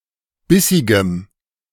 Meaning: strong dative masculine/neuter singular of bissig
- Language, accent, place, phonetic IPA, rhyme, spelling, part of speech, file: German, Germany, Berlin, [ˈbɪsɪɡəm], -ɪsɪɡəm, bissigem, adjective, De-bissigem.ogg